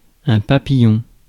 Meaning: 1. butterfly 2. someone brilliant, versatile and inconstant 3. knot 4. ellipsis of écrou papillon (“wing nut, butterfly nut”) 5. butterfly stroke 6. parking ticket 7. butterfly valve
- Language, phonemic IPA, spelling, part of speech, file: French, /pa.pi.jɔ̃/, papillon, noun, Fr-papillon.ogg